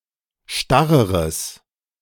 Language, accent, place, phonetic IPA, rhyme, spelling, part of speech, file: German, Germany, Berlin, [ˈʃtaʁəʁəs], -aʁəʁəs, starreres, adjective, De-starreres.ogg
- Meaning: strong/mixed nominative/accusative neuter singular comparative degree of starr